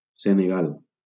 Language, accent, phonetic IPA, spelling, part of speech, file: Catalan, Valencia, [se.neˈɣal], Senegal, proper noun, LL-Q7026 (cat)-Senegal.wav
- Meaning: Senegal (a country in West Africa)